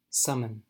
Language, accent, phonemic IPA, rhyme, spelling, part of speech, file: English, US, /ˈsʌmən/, -ʌmən, summon, verb / noun, En-us-summon.ogg
- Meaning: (verb) 1. To call people together; to convene; to convoke 2. To ask someone to come; to send for 3. To order (goods) and have delivered 4. To rouse oneself to exert a skill